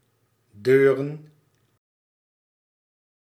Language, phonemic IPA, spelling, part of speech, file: Dutch, /ˈdøːrən/, deuren, noun, Nl-deuren.ogg
- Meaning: plural of deur